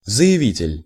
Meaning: 1. applicant (one who applies) 2. declarant (a person who makes a formal declaration or statement)
- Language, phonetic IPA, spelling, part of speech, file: Russian, [zə(j)ɪˈvʲitʲɪlʲ], заявитель, noun, Ru-заявитель.ogg